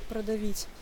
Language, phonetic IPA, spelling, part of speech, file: Russian, [prədɐˈvʲitʲ], продавить, verb, Ru-продавить.ogg
- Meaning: 1. to crush/break through, to squeeze/press through 2. to cause to sink 3. to press (for), to ram, to win, to bring off, to put across, to push (through)